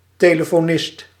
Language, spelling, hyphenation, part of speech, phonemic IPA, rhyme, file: Dutch, telefonist, te‧le‧fo‧nist, noun, /ˌteː.lə.foːˈnɪst/, -ɪst, Nl-telefonist.ogg
- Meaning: a telephone operator, a telephonist